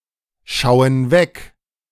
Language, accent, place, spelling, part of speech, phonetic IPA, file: German, Germany, Berlin, schauen weg, verb, [ˌʃaʊ̯ən ˈvɛk], De-schauen weg.ogg
- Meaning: inflection of wegschauen: 1. first/third-person plural present 2. first/third-person plural subjunctive I